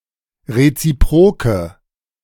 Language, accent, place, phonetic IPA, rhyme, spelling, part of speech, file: German, Germany, Berlin, [ʁet͡siˈpʁoːkə], -oːkə, reziproke, adjective, De-reziproke.ogg
- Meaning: inflection of reziprok: 1. strong/mixed nominative/accusative feminine singular 2. strong nominative/accusative plural 3. weak nominative all-gender singular